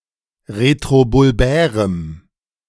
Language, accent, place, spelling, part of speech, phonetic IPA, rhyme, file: German, Germany, Berlin, retrobulbärem, adjective, [ʁetʁobʊlˈbɛːʁəm], -ɛːʁəm, De-retrobulbärem.ogg
- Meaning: strong dative masculine/neuter singular of retrobulbär